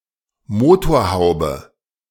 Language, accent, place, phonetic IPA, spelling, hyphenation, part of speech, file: German, Germany, Berlin, [ˈmoː.toːɐ̯ˌhaʊ̯.bə], Motorhaube, Mo‧tor‧hau‧be, noun, De-Motorhaube.ogg
- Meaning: hood, bonnet (UK)